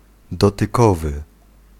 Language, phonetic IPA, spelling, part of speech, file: Polish, [ˌdɔtɨˈkɔvɨ], dotykowy, adjective, Pl-dotykowy.ogg